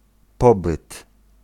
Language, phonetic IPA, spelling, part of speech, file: Polish, [ˈpɔbɨt], pobyt, noun, Pl-pobyt.ogg